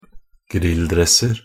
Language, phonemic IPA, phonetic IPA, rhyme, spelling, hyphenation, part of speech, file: Norwegian Bokmål, /²ˈɡrɪlːˌdrɛs.ər/, [ˈɡrɪ̌lːˌdrɛs.əɾ], -ər, grilldresser, grill‧dress‧er, noun, Nb-grilldresser.ogg
- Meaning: indefinite plural of grilldress (“tracksuit worn for grilling or as leisurewear”)